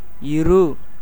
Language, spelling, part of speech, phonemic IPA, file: Tamil, இரு, verb / adjective, /ɪɾɯ/, Ta-இரு.ogg
- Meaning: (verb) 1. to be, exist, be present 2. to have 3. to live, stay, reside 4. to stay, remain, wait 5. to sit, sit down 6. to be ready to act, be about to